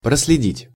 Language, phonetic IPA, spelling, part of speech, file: Russian, [prəs⁽ʲ⁾lʲɪˈdʲitʲ], проследить, verb, Ru-проследить.ogg
- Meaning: 1. to spy (on), to track 2. to trail, to follow 3. to trace, to retrace (to track the development of) 4. to observe, to see to (e.g. "to see to it that..."), to make sure